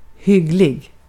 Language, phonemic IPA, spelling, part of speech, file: Swedish, /ˈhʏɡˌlɪ(ɡ)/, hygglig, adjective, Sv-hygglig.ogg
- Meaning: 1. quite good 2. nice, kind